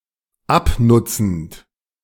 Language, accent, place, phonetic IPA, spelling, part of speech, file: German, Germany, Berlin, [ˈapˌnʊt͡sn̩t], abnutzend, verb, De-abnutzend.ogg
- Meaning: present participle of abnutzen